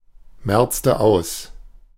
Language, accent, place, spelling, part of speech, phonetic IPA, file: German, Germany, Berlin, merzte aus, verb, [ˌmɛʁt͡stə ˈaʊ̯s], De-merzte aus.ogg
- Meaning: inflection of ausmerzen: 1. first/third-person singular preterite 2. first/third-person singular subjunctive II